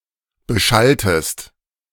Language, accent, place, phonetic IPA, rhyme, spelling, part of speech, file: German, Germany, Berlin, [bəˈʃaltəst], -altəst, beschalltest, verb, De-beschalltest.ogg
- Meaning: inflection of beschallen: 1. second-person singular preterite 2. second-person singular subjunctive II